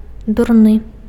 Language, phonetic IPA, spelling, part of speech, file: Belarusian, [durˈnɨ], дурны, adjective, Be-дурны.ogg
- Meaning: dumb, stupid